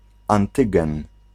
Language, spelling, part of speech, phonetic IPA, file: Polish, antygen, noun, [ãnˈtɨɡɛ̃n], Pl-antygen.ogg